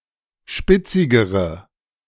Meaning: inflection of spitzig: 1. strong/mixed nominative/accusative feminine singular comparative degree 2. strong nominative/accusative plural comparative degree
- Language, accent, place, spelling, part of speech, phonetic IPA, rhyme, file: German, Germany, Berlin, spitzigere, adjective, [ˈʃpɪt͡sɪɡəʁə], -ɪt͡sɪɡəʁə, De-spitzigere.ogg